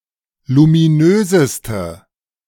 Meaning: inflection of luminös: 1. strong/mixed nominative/accusative feminine singular superlative degree 2. strong nominative/accusative plural superlative degree
- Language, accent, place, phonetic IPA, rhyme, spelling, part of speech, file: German, Germany, Berlin, [lumiˈnøːzəstə], -øːzəstə, luminöseste, adjective, De-luminöseste.ogg